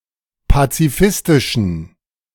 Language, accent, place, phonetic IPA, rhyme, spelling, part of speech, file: German, Germany, Berlin, [pat͡siˈfɪstɪʃn̩], -ɪstɪʃn̩, pazifistischen, adjective, De-pazifistischen.ogg
- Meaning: inflection of pazifistisch: 1. strong genitive masculine/neuter singular 2. weak/mixed genitive/dative all-gender singular 3. strong/weak/mixed accusative masculine singular 4. strong dative plural